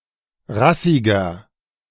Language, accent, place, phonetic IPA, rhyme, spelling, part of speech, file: German, Germany, Berlin, [ˈʁasɪɡɐ], -asɪɡɐ, rassiger, adjective, De-rassiger.ogg
- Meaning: 1. comparative degree of rassig 2. inflection of rassig: strong/mixed nominative masculine singular 3. inflection of rassig: strong genitive/dative feminine singular